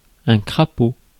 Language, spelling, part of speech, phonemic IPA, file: French, crapaud, noun, /kʁa.po/, Fr-crapaud.ogg
- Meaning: 1. toad 2. baby grand piano 3. flaw (in a diamond) 4. an ugly man 5. frog 6. booger